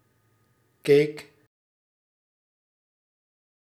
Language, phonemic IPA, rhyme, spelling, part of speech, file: Dutch, /keːk/, -eːk, keek, verb, Nl-keek.ogg
- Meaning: singular past indicative of kijken